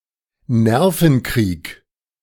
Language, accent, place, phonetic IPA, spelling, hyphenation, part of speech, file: German, Germany, Berlin, [ˈnɛʁfənˌkʁiːk], Nervenkrieg, Ner‧ven‧krieg, noun, De-Nervenkrieg.ogg
- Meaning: war of nerves